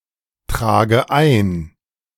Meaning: inflection of eintragen: 1. first-person singular present 2. first/third-person singular subjunctive I 3. singular imperative
- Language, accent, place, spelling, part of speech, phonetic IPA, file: German, Germany, Berlin, trage ein, verb, [ˌtʁaːɡə ˈaɪ̯n], De-trage ein.ogg